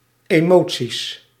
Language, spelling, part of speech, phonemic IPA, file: Dutch, emoties, noun, /eˈmo(t)sis/, Nl-emoties.ogg
- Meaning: plural of emotie